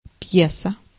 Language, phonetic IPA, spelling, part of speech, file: Russian, [ˈp⁽ʲ⁾jesə], пьеса, noun, Ru-пьеса.ogg
- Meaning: 1. play (theatrical performance) 2. piece (small instrumental composition)